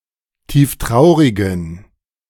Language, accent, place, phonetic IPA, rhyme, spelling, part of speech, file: German, Germany, Berlin, [ˌtiːfˈtʁaʊ̯ʁɪɡn̩], -aʊ̯ʁɪɡn̩, tieftraurigen, adjective, De-tieftraurigen.ogg
- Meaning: inflection of tieftraurig: 1. strong genitive masculine/neuter singular 2. weak/mixed genitive/dative all-gender singular 3. strong/weak/mixed accusative masculine singular 4. strong dative plural